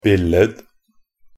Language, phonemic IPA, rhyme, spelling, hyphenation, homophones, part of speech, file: Norwegian Bokmål, /ˈbɪlːəd/, -əd, billed-, bil‧led-, billed, prefix, Nb-billed.ogg